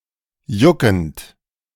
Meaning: present participle of jucken
- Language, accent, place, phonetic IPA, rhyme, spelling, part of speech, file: German, Germany, Berlin, [ˈjʊkn̩t], -ʊkn̩t, juckend, verb, De-juckend.ogg